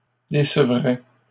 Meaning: third-person singular conditional of décevoir
- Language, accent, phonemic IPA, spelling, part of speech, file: French, Canada, /de.sə.vʁɛ/, décevrait, verb, LL-Q150 (fra)-décevrait.wav